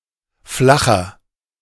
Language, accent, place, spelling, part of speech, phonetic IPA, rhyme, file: German, Germany, Berlin, flacher, adjective, [ˈflaxɐ], -axɐ, De-flacher.ogg
- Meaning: 1. comparative degree of flach 2. inflection of flach: strong/mixed nominative masculine singular 3. inflection of flach: strong genitive/dative feminine singular